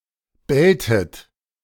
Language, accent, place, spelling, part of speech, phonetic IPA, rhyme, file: German, Germany, Berlin, belltet, verb, [ˈbɛltət], -ɛltət, De-belltet.ogg
- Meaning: inflection of bellen: 1. second-person plural preterite 2. second-person plural subjunctive II